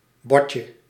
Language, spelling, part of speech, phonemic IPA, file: Dutch, botje, noun, /ˈbɔcə/, Nl-botje.ogg
- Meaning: diminutive of bot